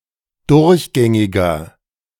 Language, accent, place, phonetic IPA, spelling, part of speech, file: German, Germany, Berlin, [ˈdʊʁçˌɡɛŋɪɡɐ], durchgängiger, adjective, De-durchgängiger.ogg
- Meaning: inflection of durchgängig: 1. strong/mixed nominative masculine singular 2. strong genitive/dative feminine singular 3. strong genitive plural